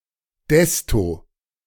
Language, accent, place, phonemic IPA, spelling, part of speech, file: German, Germany, Berlin, /ˈdɛstoː/, desto, conjunction, De-desto.ogg
- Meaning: 1. the (forming the parallel comparative with je) 2. used instead of je in the je ... desto construction